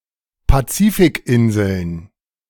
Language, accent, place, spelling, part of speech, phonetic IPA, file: German, Germany, Berlin, Pazifikinseln, noun, [paˈt͡siːfɪkˌʔɪnzl̩n], De-Pazifikinseln.ogg
- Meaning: plural of Pazifikinsel